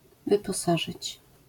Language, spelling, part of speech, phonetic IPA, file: Polish, wyposażyć, verb, [ˌvɨpɔˈsaʒɨt͡ɕ], LL-Q809 (pol)-wyposażyć.wav